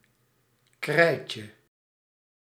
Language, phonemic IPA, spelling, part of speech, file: Dutch, /ˈkrɛicə/, krijtje, noun, Nl-krijtje.ogg
- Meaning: diminutive of krijt